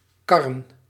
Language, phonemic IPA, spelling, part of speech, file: Dutch, /ˈkɑrə(n)/, karren, verb / noun, Nl-karren.ogg
- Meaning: plural of kar